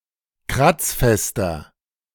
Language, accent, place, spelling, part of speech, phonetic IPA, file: German, Germany, Berlin, kratzfester, adjective, [ˈkʁat͡sˌfɛstɐ], De-kratzfester.ogg
- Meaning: 1. comparative degree of kratzfest 2. inflection of kratzfest: strong/mixed nominative masculine singular 3. inflection of kratzfest: strong genitive/dative feminine singular